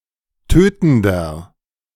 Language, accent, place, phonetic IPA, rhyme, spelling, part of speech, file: German, Germany, Berlin, [ˈtøːtn̩dɐ], -øːtn̩dɐ, tötender, adjective, De-tötender.ogg
- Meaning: inflection of tötend: 1. strong/mixed nominative masculine singular 2. strong genitive/dative feminine singular 3. strong genitive plural